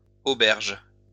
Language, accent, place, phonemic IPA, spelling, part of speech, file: French, France, Lyon, /o.bɛʁʒ/, auberges, noun, LL-Q150 (fra)-auberges.wav
- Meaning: plural of auberge